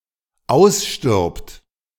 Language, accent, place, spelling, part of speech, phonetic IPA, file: German, Germany, Berlin, ausstirbt, verb, [ˈaʊ̯sˌʃtɪʁpt], De-ausstirbt.ogg
- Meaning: third-person singular dependent present of aussterben